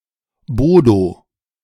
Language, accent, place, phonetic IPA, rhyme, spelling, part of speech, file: German, Germany, Berlin, [ˈboːdo], -oːdo, Bodo, proper noun, De-Bodo.ogg
- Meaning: a male given name